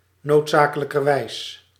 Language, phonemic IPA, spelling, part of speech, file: Dutch, /notˈsakələkərˌwɛis/, noodzakelijkerwijs, adverb, Nl-noodzakelijkerwijs.ogg
- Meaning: necessarily